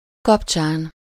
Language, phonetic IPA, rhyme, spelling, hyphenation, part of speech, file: Hungarian, [ˈkɒpt͡ʃaːn], -aːn, kapcsán, kap‧csán, postposition, Hu-kapcsán.ogg
- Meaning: on the occasion of, in connection with, apropos of